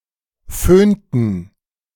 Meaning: inflection of föhnen: 1. first/third-person plural preterite 2. first/third-person plural subjunctive II
- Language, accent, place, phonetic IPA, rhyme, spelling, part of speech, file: German, Germany, Berlin, [ˈføːntn̩], -øːntn̩, föhnten, verb, De-föhnten.ogg